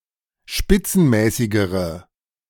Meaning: inflection of spitzenmäßig: 1. strong/mixed nominative/accusative feminine singular comparative degree 2. strong nominative/accusative plural comparative degree
- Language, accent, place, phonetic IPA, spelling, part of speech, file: German, Germany, Berlin, [ˈʃpɪt͡sn̩ˌmɛːsɪɡəʁə], spitzenmäßigere, adjective, De-spitzenmäßigere.ogg